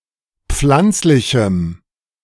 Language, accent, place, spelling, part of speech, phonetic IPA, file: German, Germany, Berlin, pflanzlichem, adjective, [ˈp͡flant͡slɪçm̩], De-pflanzlichem.ogg
- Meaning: strong dative masculine/neuter singular of pflanzlich